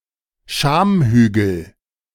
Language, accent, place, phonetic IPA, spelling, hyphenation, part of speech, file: German, Germany, Berlin, [ˈʃaːmˌhyːɡl̩], Schamhügel, Scham‧hü‧gel, noun, De-Schamhügel.ogg
- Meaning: mons pubis